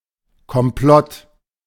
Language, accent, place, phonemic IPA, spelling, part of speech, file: German, Germany, Berlin, /kɔmˈplɔt/, Komplott, noun, De-Komplott.ogg
- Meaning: plot (conspiracy against a person)